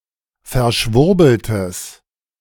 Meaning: strong/mixed nominative/accusative neuter singular of verschwurbelt
- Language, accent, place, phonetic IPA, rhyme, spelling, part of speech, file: German, Germany, Berlin, [fɛɐ̯ˈʃvʊʁbl̩təs], -ʊʁbl̩təs, verschwurbeltes, adjective, De-verschwurbeltes.ogg